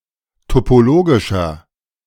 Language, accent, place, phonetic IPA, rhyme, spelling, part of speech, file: German, Germany, Berlin, [topoˈloːɡɪʃɐ], -oːɡɪʃɐ, topologischer, adjective, De-topologischer.ogg
- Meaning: inflection of topologisch: 1. strong/mixed nominative masculine singular 2. strong genitive/dative feminine singular 3. strong genitive plural